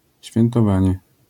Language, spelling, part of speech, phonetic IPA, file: Polish, świętowanie, noun, [ˌɕfʲjɛ̃ntɔˈvãɲɛ], LL-Q809 (pol)-świętowanie.wav